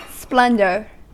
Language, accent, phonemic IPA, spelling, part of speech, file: English, US, /ˈsplɛndɚ/, splendor, noun, En-us-splendor.ogg
- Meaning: 1. Great light, luster or brilliance 2. Magnificent appearance, display or grandeur 3. Great fame or glory